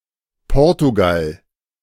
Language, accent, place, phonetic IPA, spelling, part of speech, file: German, Germany, Berlin, [ˈpɔɐ̯tuɡal], Portugal, proper noun, De-Portugal.ogg
- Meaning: Portugal (a country in Southern Europe, on the Iberian Peninsula)